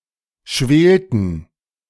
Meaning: inflection of schwelen: 1. first/third-person plural preterite 2. first/third-person plural subjunctive II
- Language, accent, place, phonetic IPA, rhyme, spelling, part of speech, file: German, Germany, Berlin, [ˈʃveːltn̩], -eːltn̩, schwelten, verb, De-schwelten.ogg